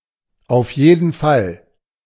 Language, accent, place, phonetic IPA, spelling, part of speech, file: German, Germany, Berlin, [aʊ̯f ˈjeːdn̩ ˈfal], auf jeden Fall, phrase, De-auf jeden Fall.ogg
- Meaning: 1. definitely, absolutely 2. anyway, in any case, at any rate (refocusing on the central topic after a brief aside)